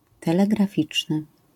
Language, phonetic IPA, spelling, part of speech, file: Polish, [ˌtɛlɛɡraˈfʲit͡ʃnɨ], telegraficzny, adjective, LL-Q809 (pol)-telegraficzny.wav